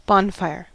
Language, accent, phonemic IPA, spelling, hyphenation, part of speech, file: English, General American, /ˈbɑnˌfaɪɚ/, bonfire, bon‧fire, noun / verb, En-us-bonfire.ogg
- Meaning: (noun) A large, controlled outdoor fire lit to celebrate something or as a signal